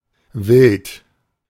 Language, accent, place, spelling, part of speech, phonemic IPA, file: German, Germany, Berlin, Wild, noun / proper noun, /vɪlt/, De-Wild.ogg
- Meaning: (noun) 1. game (huntable animals) 2. game meat; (proper noun) a surname